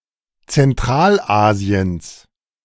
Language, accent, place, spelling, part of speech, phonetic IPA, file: German, Germany, Berlin, Zentralasiens, noun, [t͡sɛnˈtʁaːlˌʔaːzi̯əns], De-Zentralasiens.ogg
- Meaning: genitive singular of Zentralasien